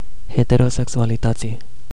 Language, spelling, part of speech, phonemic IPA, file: Romanian, heterosexualității, noun, /heteroseksualiˈtətsi/, Ro-heterosexualității.ogg
- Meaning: definite genitive/dative singular of heterosexualitate